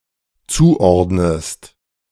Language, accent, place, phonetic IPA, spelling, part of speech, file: German, Germany, Berlin, [ˈt͡suːˌʔɔʁdnəst], zuordnest, verb, De-zuordnest.ogg
- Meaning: inflection of zuordnen: 1. second-person singular dependent present 2. second-person singular dependent subjunctive I